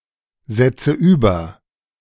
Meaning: 1. present participle of übersetzen 2. inflection of übersetzen: first-person singular present 3. inflection of übersetzen: first/third-person singular subjunctive I
- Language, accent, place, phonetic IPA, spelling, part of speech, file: German, Germany, Berlin, [ˌzɛt͡sə ˈyːbɐ], setze über, verb, De-setze über.ogg